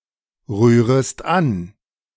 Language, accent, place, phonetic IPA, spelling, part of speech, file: German, Germany, Berlin, [ˌʁyːʁəst ˈan], rührest an, verb, De-rührest an.ogg
- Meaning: second-person singular subjunctive I of anrühren